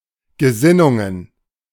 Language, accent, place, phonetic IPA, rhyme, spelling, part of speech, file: German, Germany, Berlin, [ɡəˈzɪnʊŋən], -ɪnʊŋən, Gesinnungen, noun, De-Gesinnungen.ogg
- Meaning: plural of Gesinnung